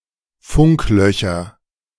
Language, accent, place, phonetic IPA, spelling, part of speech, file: German, Germany, Berlin, [ˈfʊŋkˌlœçɐ], Funklöcher, noun, De-Funklöcher.ogg
- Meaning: nominative/accusative/genitive plural of Funkloch